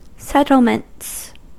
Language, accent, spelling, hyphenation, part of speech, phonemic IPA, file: English, US, settlements, settle‧ments, noun, /ˈsɛt.l̩.mənts/, En-us-settlements.ogg
- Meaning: plural of settlement